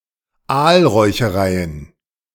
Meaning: plural of Aalräucherei
- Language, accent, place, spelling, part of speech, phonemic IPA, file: German, Germany, Berlin, Aalräuchereien, noun, /ˈaːlʁɔɪ̯çəˌʁaɪ̯ən/, De-Aalräuchereien.ogg